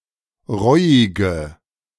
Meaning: inflection of reuig: 1. strong/mixed nominative/accusative feminine singular 2. strong nominative/accusative plural 3. weak nominative all-gender singular 4. weak accusative feminine/neuter singular
- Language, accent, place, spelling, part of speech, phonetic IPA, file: German, Germany, Berlin, reuige, adjective, [ˈʁɔɪ̯ɪɡə], De-reuige.ogg